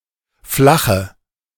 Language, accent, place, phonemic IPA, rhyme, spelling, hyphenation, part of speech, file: German, Germany, Berlin, /ˈflaχə/, -aχə, flache, fla‧che, adjective, De-flache.ogg
- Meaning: inflection of flach: 1. strong/mixed nominative/accusative feminine singular 2. strong nominative/accusative plural 3. weak nominative all-gender singular 4. weak accusative feminine/neuter singular